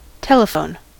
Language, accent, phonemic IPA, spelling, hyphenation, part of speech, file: English, General American, /ˈtɛləˌfoʊn/, telephone, tel‧e‧phone, noun / verb, En-us-telephone.ogg